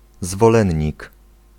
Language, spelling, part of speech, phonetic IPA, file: Polish, zwolennik, noun, [zvɔˈlɛ̃ɲːik], Pl-zwolennik.ogg